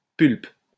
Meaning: pulp (various meanings): 1. pulp; fleshy part of vegetables and fruits 2. fleshy parts of certain body parts 3. pulp, paste (of vegetables, fish, etc.) 4. wood pulp (for paper)
- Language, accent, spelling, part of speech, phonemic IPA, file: French, France, pulpe, noun, /pylp/, LL-Q150 (fra)-pulpe.wav